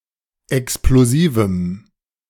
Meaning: strong dative masculine/neuter singular of explosiv
- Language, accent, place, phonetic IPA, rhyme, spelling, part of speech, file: German, Germany, Berlin, [ɛksploˈziːvm̩], -iːvm̩, explosivem, adjective, De-explosivem.ogg